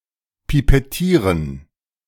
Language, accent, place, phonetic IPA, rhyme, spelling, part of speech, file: German, Germany, Berlin, [pipɛˈtiːʁən], -iːʁən, pipettieren, verb, De-pipettieren.ogg
- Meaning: to pipet